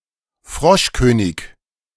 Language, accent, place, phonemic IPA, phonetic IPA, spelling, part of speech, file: German, Germany, Berlin, /ˈfʁɔʃkøːnɪç/, [ˈfʁɔʃkøːnɪk], Froschkönig, noun, De-Froschkönig2.ogg
- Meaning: Frog Prince (fairy tale character, created by the Brothers Grimm)